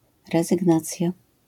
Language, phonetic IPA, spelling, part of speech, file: Polish, [ˌrɛzɨɡˈnat͡sʲja], rezygnacja, noun, LL-Q809 (pol)-rezygnacja.wav